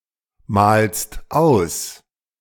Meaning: second-person singular present of ausmalen
- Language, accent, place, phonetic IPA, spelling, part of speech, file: German, Germany, Berlin, [ˌmaːlst ˈaʊ̯s], malst aus, verb, De-malst aus.ogg